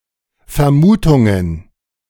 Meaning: plural of Vermutung
- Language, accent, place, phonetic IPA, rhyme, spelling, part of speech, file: German, Germany, Berlin, [fɛɐ̯ˈmuːtʊŋən], -uːtʊŋən, Vermutungen, noun, De-Vermutungen.ogg